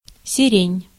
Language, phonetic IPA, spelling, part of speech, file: Russian, [sʲɪˈrʲenʲ], сирень, noun, Ru-сирень.ogg
- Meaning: lilac (Syringa)